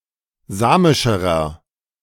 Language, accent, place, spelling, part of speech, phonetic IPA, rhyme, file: German, Germany, Berlin, samischerer, adjective, [ˈzaːmɪʃəʁɐ], -aːmɪʃəʁɐ, De-samischerer.ogg
- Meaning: inflection of samisch: 1. strong/mixed nominative masculine singular comparative degree 2. strong genitive/dative feminine singular comparative degree 3. strong genitive plural comparative degree